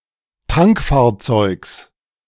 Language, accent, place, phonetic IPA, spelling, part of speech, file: German, Germany, Berlin, [ˈtaŋkfaːɐ̯ˌt͡sɔɪ̯ks], Tankfahrzeugs, noun, De-Tankfahrzeugs.ogg
- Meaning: genitive singular of Tankfahrzeug